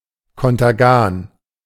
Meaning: thalidomide
- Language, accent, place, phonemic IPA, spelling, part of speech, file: German, Germany, Berlin, /ˌkɔntɐˈɡaːn/, Contergan, noun, De-Contergan.ogg